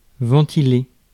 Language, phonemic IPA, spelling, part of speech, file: French, /vɑ̃.ti.le/, ventiler, verb, Fr-ventiler.ogg
- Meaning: 1. to ventilate 2. to discuss, debate 3. to evaluate, estimate 4. to break down (a total into parts)